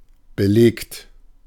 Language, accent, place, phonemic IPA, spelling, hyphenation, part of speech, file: German, Germany, Berlin, /bəˈleːkt/, belegt, be‧legt, verb / adjective, De-belegt.ogg
- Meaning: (verb) past participle of belegen; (adjective) 1. documented; proven; attested 2. occupied, taken 3. plated, coated 4. plated, coated: hoarse